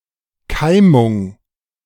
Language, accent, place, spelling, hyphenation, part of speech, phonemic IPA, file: German, Germany, Berlin, Keimung, Kei‧mung, noun, /ˈkaɪ̯mʊŋ/, De-Keimung.ogg
- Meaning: gemination